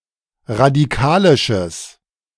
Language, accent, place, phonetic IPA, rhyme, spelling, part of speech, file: German, Germany, Berlin, [ʁadiˈkaːlɪʃəs], -aːlɪʃəs, radikalisches, adjective, De-radikalisches.ogg
- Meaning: strong/mixed nominative/accusative neuter singular of radikalisch